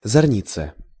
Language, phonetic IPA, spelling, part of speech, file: Russian, [zɐrˈnʲit͡sə], зарница, noun, Ru-зарница.ogg
- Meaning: 1. heat lightning 2. Zarnitsa (Soviet massive children's war game)